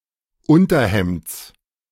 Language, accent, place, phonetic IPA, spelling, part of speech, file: German, Germany, Berlin, [ˈʊntɐˌhɛmt͡s], Unterhemds, noun, De-Unterhemds.ogg
- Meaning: genitive singular of Unterhemd